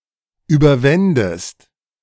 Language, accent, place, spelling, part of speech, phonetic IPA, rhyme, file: German, Germany, Berlin, überwändest, verb, [ˌyːbɐˈvɛndəst], -ɛndəst, De-überwändest.ogg
- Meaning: second-person singular subjunctive II of überwinden